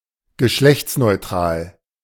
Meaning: 1. androgynous 2. gender-neutral, unisex
- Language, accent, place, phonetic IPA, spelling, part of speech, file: German, Germany, Berlin, [ɡəˈʃlɛçt͡snɔɪ̯ˌtʁaːl], geschlechtsneutral, adjective, De-geschlechtsneutral.ogg